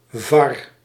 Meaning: young bull
- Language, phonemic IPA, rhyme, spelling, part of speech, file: Dutch, /vɑr/, -ɑr, var, noun, Nl-var.ogg